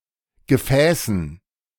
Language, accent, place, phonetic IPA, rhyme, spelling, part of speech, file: German, Germany, Berlin, [ɡəˈfɛːsn̩], -ɛːsn̩, Gefäßen, noun, De-Gefäßen.ogg
- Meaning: dative plural of Gefäß